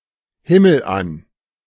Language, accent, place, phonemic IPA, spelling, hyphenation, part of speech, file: German, Germany, Berlin, /ˈhɪməlˌʔan/, himmelan, him‧mel‧an, adverb, De-himmelan.ogg
- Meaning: heavenwards, towards heaven